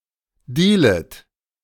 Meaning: second-person plural subjunctive I of dealen
- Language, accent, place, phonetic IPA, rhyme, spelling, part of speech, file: German, Germany, Berlin, [ˈdiːlət], -iːlət, dealet, verb, De-dealet.ogg